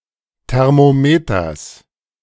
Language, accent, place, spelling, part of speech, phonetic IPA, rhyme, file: German, Germany, Berlin, Thermometers, noun, [tɛʁmoˈmeːtɐs], -eːtɐs, De-Thermometers.ogg
- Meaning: genitive singular of Thermometer